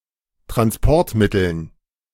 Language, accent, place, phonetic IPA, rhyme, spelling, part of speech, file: German, Germany, Berlin, [tʁansˈpɔʁtˌmɪtl̩n], -ɔʁtmɪtl̩n, Transportmitteln, noun, De-Transportmitteln.ogg
- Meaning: dative plural of Transportmittel